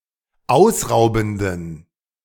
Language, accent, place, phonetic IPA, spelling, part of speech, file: German, Germany, Berlin, [ˈaʊ̯sˌʁaʊ̯bn̩dən], ausraubenden, adjective, De-ausraubenden.ogg
- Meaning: inflection of ausraubend: 1. strong genitive masculine/neuter singular 2. weak/mixed genitive/dative all-gender singular 3. strong/weak/mixed accusative masculine singular 4. strong dative plural